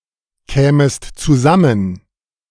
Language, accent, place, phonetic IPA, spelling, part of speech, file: German, Germany, Berlin, [ˌkɛːməst t͡suˈzamən], kämest zusammen, verb, De-kämest zusammen.ogg
- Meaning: second-person singular subjunctive I of zusammenkommen